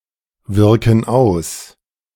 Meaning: inflection of auswirken: 1. first/third-person plural present 2. first/third-person plural subjunctive I
- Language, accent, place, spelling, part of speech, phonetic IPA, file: German, Germany, Berlin, wirken aus, verb, [ˌvɪʁkn̩ ˈaʊ̯s], De-wirken aus.ogg